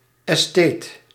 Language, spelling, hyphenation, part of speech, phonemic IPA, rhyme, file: Dutch, estheet, es‧theet, noun, /ɛsˈteːt/, -eːt, Nl-estheet.ogg
- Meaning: aesthete